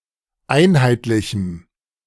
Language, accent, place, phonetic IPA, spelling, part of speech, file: German, Germany, Berlin, [ˈaɪ̯nhaɪ̯tlɪçm̩], einheitlichem, adjective, De-einheitlichem.ogg
- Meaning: strong dative masculine/neuter singular of einheitlich